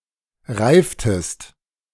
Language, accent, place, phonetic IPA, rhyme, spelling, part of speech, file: German, Germany, Berlin, [ˈʁaɪ̯ftəst], -aɪ̯ftəst, reiftest, verb, De-reiftest.ogg
- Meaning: inflection of reifen: 1. second-person singular preterite 2. second-person singular subjunctive II